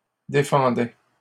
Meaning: third-person plural imperfect indicative of défendre
- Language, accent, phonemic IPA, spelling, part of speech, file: French, Canada, /de.fɑ̃.dɛ/, défendaient, verb, LL-Q150 (fra)-défendaient.wav